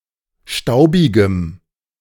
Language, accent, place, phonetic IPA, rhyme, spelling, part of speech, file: German, Germany, Berlin, [ˈʃtaʊ̯bɪɡəm], -aʊ̯bɪɡəm, staubigem, adjective, De-staubigem.ogg
- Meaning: strong dative masculine/neuter singular of staubig